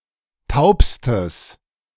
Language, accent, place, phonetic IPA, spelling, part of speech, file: German, Germany, Berlin, [ˈtaʊ̯pstəs], taubstes, adjective, De-taubstes.ogg
- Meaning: strong/mixed nominative/accusative neuter singular superlative degree of taub